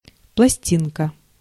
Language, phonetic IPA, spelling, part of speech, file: Russian, [pɫɐˈsʲtʲinkə], пластинка, noun, Ru-пластинка.ogg
- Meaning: 1. diminutive of пласти́на (plastína): plate 2. record, disc 3. blade, lamina